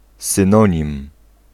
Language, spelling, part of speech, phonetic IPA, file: Polish, synonim, noun, [sɨ̃ˈnɔ̃ɲĩm], Pl-synonim.ogg